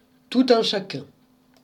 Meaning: everyone, everybody
- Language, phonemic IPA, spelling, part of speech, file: French, /tu.t‿œ̃ ʃa.kœ̃/, tout un chacun, pronoun, Fr-tout un chacun.oga